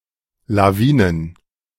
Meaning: plural of Lawine
- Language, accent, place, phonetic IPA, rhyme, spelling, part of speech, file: German, Germany, Berlin, [laˈviːnən], -iːnən, Lawinen, noun, De-Lawinen.ogg